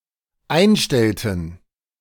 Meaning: inflection of einstellen: 1. first/third-person plural dependent preterite 2. first/third-person plural dependent subjunctive II
- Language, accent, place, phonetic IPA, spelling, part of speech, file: German, Germany, Berlin, [ˈaɪ̯nˌʃtɛltn̩], einstellten, verb, De-einstellten.ogg